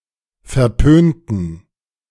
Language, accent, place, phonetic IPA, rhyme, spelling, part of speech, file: German, Germany, Berlin, [fɛɐ̯ˈpøːntn̩], -øːntn̩, verpönten, adjective, De-verpönten.ogg
- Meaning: inflection of verpönt: 1. strong genitive masculine/neuter singular 2. weak/mixed genitive/dative all-gender singular 3. strong/weak/mixed accusative masculine singular 4. strong dative plural